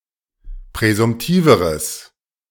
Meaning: strong/mixed nominative/accusative neuter singular comparative degree of präsumtiv
- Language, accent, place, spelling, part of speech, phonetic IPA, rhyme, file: German, Germany, Berlin, präsumtiveres, adjective, [pʁɛzʊmˈtiːvəʁəs], -iːvəʁəs, De-präsumtiveres.ogg